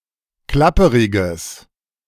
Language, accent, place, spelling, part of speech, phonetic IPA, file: German, Germany, Berlin, klapperiges, adjective, [ˈklapəʁɪɡəs], De-klapperiges.ogg
- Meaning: strong/mixed nominative/accusative neuter singular of klapperig